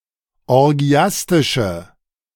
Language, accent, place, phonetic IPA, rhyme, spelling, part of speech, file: German, Germany, Berlin, [ɔʁˈɡi̯astɪʃə], -astɪʃə, orgiastische, adjective, De-orgiastische.ogg
- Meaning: inflection of orgiastisch: 1. strong/mixed nominative/accusative feminine singular 2. strong nominative/accusative plural 3. weak nominative all-gender singular